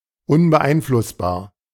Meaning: 1. unalterable 2. uninfluenceable, unswayable
- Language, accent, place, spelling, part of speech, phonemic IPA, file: German, Germany, Berlin, unbeeinflussbar, adjective, /ʊnbəˈʔaɪ̯nflʊsbaːɐ̯/, De-unbeeinflussbar.ogg